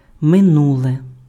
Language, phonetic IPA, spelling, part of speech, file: Ukrainian, [meˈnuɫe], минуле, adjective / noun, Uk-минуле.ogg
- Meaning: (adjective) nominative/accusative neuter singular of мину́лий (mynúlyj); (noun) past (period of time that has already happened)